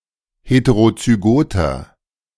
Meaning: inflection of heterozygot: 1. strong/mixed nominative masculine singular 2. strong genitive/dative feminine singular 3. strong genitive plural
- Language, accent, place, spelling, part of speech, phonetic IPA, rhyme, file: German, Germany, Berlin, heterozygoter, adjective, [ˌheteʁot͡syˈɡoːtɐ], -oːtɐ, De-heterozygoter.ogg